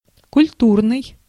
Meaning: 1. cultural 2. cultured, cultivated, civilized 3. cultured, cultivated
- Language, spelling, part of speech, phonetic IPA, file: Russian, культурный, adjective, [kʊlʲˈturnɨj], Ru-культурный.ogg